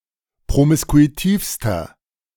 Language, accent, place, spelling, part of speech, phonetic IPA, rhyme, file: German, Germany, Berlin, promiskuitivster, adjective, [pʁomɪskuiˈtiːfstɐ], -iːfstɐ, De-promiskuitivster.ogg
- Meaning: inflection of promiskuitiv: 1. strong/mixed nominative masculine singular superlative degree 2. strong genitive/dative feminine singular superlative degree 3. strong genitive plural superlative degree